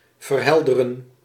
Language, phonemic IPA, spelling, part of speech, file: Dutch, /vərˈɦɛldərə(n)/, verhelderen, verb, Nl-verhelderen.ogg
- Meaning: to clarify, elucidate, illuminate